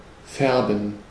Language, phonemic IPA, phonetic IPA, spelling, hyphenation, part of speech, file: German, /ˈfɛʁbən/, [ˈfɛɐ̯bm̩], färben, fär‧ben, verb, De-färben.ogg
- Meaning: 1. to color 2. to dye